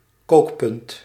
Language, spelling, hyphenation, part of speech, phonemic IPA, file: Dutch, kookpunt, kook‧punt, noun, /ˈkoːk.pʏnt/, Nl-kookpunt.ogg
- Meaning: boiling point